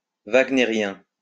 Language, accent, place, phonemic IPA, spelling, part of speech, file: French, France, Lyon, /vaɡ.ne.ʁjɛ̃/, wagnérien, adjective, LL-Q150 (fra)-wagnérien.wav
- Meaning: of Richard Wagner; Wagnerian